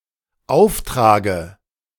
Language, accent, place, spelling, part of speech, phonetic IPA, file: German, Germany, Berlin, Auftrage, noun, [ˈaʊ̯fˌtʁaːɡə], De-Auftrage.ogg
- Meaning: dative singular of Auftrag